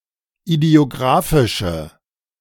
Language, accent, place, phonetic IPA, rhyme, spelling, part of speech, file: German, Germany, Berlin, [idi̯oˈɡʁaːfɪʃə], -aːfɪʃə, idiographische, adjective, De-idiographische.ogg
- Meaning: inflection of idiographisch: 1. strong/mixed nominative/accusative feminine singular 2. strong nominative/accusative plural 3. weak nominative all-gender singular